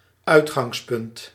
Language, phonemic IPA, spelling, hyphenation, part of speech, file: Dutch, /ˈœy̯t.xɑŋsˌpʏnt/, uitgangspunt, uit‧gangs‧punt, noun, Nl-uitgangspunt.ogg
- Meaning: point of departure, starting point